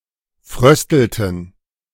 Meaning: inflection of frösteln: 1. first/third-person plural preterite 2. first/third-person plural subjunctive II
- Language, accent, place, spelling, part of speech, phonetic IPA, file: German, Germany, Berlin, fröstelten, verb, [ˈfʁœstl̩tn̩], De-fröstelten.ogg